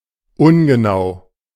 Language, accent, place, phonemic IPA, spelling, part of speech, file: German, Germany, Berlin, /ˈʊnɡəˌnaʊ̯/, ungenau, adjective, De-ungenau.ogg
- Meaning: imprecise, inexact, inaccurate